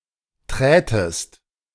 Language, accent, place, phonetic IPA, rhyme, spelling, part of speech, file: German, Germany, Berlin, [ˈtʁɛːtəst], -ɛːtəst, trätest, verb, De-trätest.ogg
- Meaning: second-person singular subjunctive II of treten